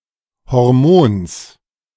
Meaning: genitive singular of Hormon
- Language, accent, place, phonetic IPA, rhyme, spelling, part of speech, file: German, Germany, Berlin, [hɔʁˈmoːns], -oːns, Hormons, noun, De-Hormons.ogg